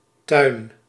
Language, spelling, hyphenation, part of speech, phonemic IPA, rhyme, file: Dutch, tuin, tuin, noun, /tœy̯n/, -œy̯n, Nl-tuin.ogg
- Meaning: 1. a garden, yard 2. an enclosure, fence or hedge